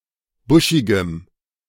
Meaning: strong dative masculine/neuter singular of buschig
- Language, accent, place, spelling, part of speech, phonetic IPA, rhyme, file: German, Germany, Berlin, buschigem, adjective, [ˈbʊʃɪɡəm], -ʊʃɪɡəm, De-buschigem.ogg